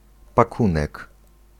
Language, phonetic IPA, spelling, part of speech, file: Polish, [paˈkũnɛk], pakunek, noun, Pl-pakunek.ogg